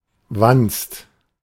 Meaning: 1. belly, paunch 2. rumen, the first compartment of the stomach of a ruminant 3. brat, annoying child
- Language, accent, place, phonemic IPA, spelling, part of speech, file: German, Germany, Berlin, /vanst/, Wanst, noun, De-Wanst.ogg